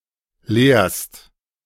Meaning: second-person singular present of lehren
- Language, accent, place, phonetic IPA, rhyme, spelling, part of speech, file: German, Germany, Berlin, [leːɐ̯st], -eːɐ̯st, lehrst, verb, De-lehrst.ogg